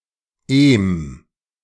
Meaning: -eme
- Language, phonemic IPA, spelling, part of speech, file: German, /ˈeːm/, -em, suffix, De--em.ogg